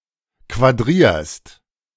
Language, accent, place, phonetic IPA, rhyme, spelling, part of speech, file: German, Germany, Berlin, [kvaˈdʁiːɐ̯st], -iːɐ̯st, quadrierst, verb, De-quadrierst.ogg
- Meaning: second-person singular present of quadrieren